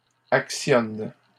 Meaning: third-person plural present indicative/subjunctive of actionner
- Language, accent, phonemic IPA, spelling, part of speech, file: French, Canada, /ak.sjɔn/, actionnent, verb, LL-Q150 (fra)-actionnent.wav